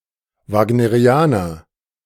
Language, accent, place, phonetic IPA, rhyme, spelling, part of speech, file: German, Germany, Berlin, [vaːɡnəˈʁi̯aːnɐ], -aːnɐ, Wagnerianer, noun, De-Wagnerianer.ogg
- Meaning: Wagnerian (admirer of Richard Wagner)